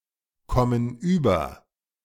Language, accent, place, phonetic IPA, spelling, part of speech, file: German, Germany, Berlin, [ˈkɔmən yːbɐ], kommen über, verb, De-kommen über.ogg
- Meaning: inflection of überkommen: 1. first/third-person plural present 2. first/third-person plural subjunctive I